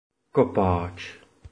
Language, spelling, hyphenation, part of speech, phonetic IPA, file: Czech, kopáč, ko‧páč, noun, [ˈkopaːt͡ʃ], Cs-kopáč.oga
- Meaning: 1. digger, navvy (laborer on a civil engineering project) 2. kicker 3. footballer 4. groundbreaker (hand tool for breaking ground)